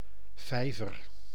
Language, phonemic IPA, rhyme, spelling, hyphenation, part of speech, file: Dutch, /ˈvɛi̯vər/, -ɛi̯vər, vijver, vij‧ver, noun, Nl-vijver.ogg
- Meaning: pond